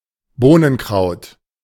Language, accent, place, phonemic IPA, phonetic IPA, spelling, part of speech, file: German, Germany, Berlin, /ˈboːnənˌkraʊ̯t/, [ˈboːnn̩ˌkʁäo̯t], Bohnenkraut, noun, De-Bohnenkraut.ogg
- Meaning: savory (the herb; the leaves of the plant used as a flavouring)